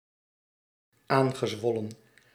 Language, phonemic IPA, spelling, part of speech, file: Dutch, /ˈaŋɣəˌzwɔlə(n)/, aangezwollen, verb, Nl-aangezwollen.ogg
- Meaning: past participle of aanzwellen